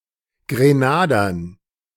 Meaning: dative plural of Grenader
- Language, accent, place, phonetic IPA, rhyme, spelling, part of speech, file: German, Germany, Berlin, [ɡʁeˈnaːdɐn], -aːdɐn, Grenadern, noun, De-Grenadern.ogg